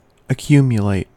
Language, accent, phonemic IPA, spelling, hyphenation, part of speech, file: English, US, /əˈkju.mjəˌleɪt/, accumulate, ac‧cu‧mu‧late, verb / adjective, En-us-accumulate.ogg
- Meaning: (verb) To heap up in a mass; to pile up; to collect or bring together (either literally or figuratively), often gradually and without active intent